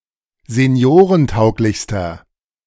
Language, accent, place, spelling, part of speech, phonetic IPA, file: German, Germany, Berlin, seniorentauglichster, adjective, [zeˈni̯oːʁənˌtaʊ̯klɪçstɐ], De-seniorentauglichster.ogg
- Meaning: inflection of seniorentauglich: 1. strong/mixed nominative masculine singular superlative degree 2. strong genitive/dative feminine singular superlative degree